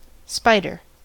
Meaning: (noun) Any of various eight-legged, predatory arthropods, of the order Araneae, most of which spin webs to catch prey
- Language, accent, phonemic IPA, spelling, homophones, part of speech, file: English, US, /ˈspaɪ̯dɚ/, spider, Spyder, noun / verb, En-us-spider.ogg